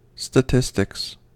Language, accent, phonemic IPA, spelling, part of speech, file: English, US, /stəˈtɪs.tɪks/, statistics, noun / verb, En-us-statistics.ogg
- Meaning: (noun) A discipline, principally within applied mathematics, concerned with the systematic study of the collection, presentation, analysis, and interpretation of data